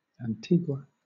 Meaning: The largest island of the nation of Antigua and Barbuda, in the Caribbean
- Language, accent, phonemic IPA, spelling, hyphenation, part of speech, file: English, Southern England, /ænˈtiːɡ(w)ə/, Antigua, An‧tigua, proper noun, LL-Q1860 (eng)-Antigua.wav